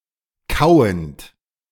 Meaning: present participle of kauen
- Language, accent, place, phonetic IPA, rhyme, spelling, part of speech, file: German, Germany, Berlin, [ˈkaʊ̯ənt], -aʊ̯ənt, kauend, verb, De-kauend.ogg